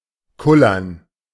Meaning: 1. to roll slowly 2. to roll back and forth (e.g. on a trembling surface)
- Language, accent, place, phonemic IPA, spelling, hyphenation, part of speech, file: German, Germany, Berlin, /ˈkʊlɐn/, kullern, kul‧lern, verb, De-kullern.ogg